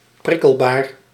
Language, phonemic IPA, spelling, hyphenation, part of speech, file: Dutch, /ˈprɪ.kəl.baːr/, prikkelbaar, prik‧kel‧baar, adjective, Nl-prikkelbaar.ogg
- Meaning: irritable